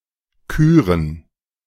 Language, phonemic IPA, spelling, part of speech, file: German, /ˈkyːʁən/, küren, verb, De-küren.oga
- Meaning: 1. to elect someone (something honourable); to present someone (with an honour) 2. to choose; to elect (in general)